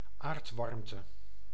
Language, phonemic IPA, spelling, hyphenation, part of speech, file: Dutch, /ˈaːrtˌʋɑrm.tə/, aardwarmte, aard‧warm‧te, noun, Nl-aardwarmte.ogg
- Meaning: geothermal heat, geothermal warmth